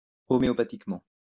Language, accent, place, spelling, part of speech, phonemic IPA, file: French, France, Lyon, homéopathiquement, adverb, /ɔ.me.ɔ.pa.tik.mɑ̃/, LL-Q150 (fra)-homéopathiquement.wav
- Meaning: homeopathically